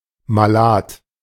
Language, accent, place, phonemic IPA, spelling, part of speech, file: German, Germany, Berlin, /maˈlaːt/, malad, adjective, De-malad.ogg
- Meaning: unwell